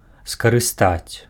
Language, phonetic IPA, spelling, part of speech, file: Belarusian, [skarɨˈstat͡sʲ], скарыстаць, verb, Be-скарыстаць.ogg
- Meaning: to use, to utilise